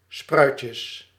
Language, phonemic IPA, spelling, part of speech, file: Dutch, /ˈsprœycəs/, spruitjes, noun, Nl-spruitjes.ogg
- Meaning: plural of spruitje